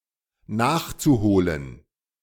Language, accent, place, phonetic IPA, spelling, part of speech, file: German, Germany, Berlin, [ˈnaːxt͡suˌhoːlən], nachzuholen, verb, De-nachzuholen.ogg
- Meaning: zu-infinitive of nachholen